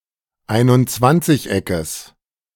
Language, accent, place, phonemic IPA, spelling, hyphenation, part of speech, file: German, Germany, Berlin, /ˌaɪ̯nʊntˈt͡svant͡sɪçˌ.ɛkəs/, Einundzwanzigeckes, Ein‧und‧zwanzig‧eckes, noun, De-Einundzwanzigeckes.ogg
- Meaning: genitive singular of Einundzwanzigeck